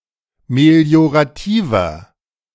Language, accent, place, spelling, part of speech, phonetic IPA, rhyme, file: German, Germany, Berlin, meliorativer, adjective, [meli̯oʁaˈtiːvɐ], -iːvɐ, De-meliorativer.ogg
- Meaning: inflection of meliorativ: 1. strong/mixed nominative masculine singular 2. strong genitive/dative feminine singular 3. strong genitive plural